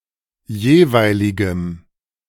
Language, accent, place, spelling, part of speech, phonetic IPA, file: German, Germany, Berlin, jeweiligem, adjective, [ˈjeːˌvaɪ̯lɪɡəm], De-jeweiligem.ogg
- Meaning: strong dative masculine/neuter singular of jeweilig